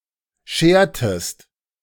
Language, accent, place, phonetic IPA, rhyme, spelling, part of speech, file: German, Germany, Berlin, [ˈʃeːɐ̯təst], -eːɐ̯təst, schertest, verb, De-schertest.ogg
- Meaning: inflection of scheren: 1. second-person singular preterite 2. second-person singular subjunctive II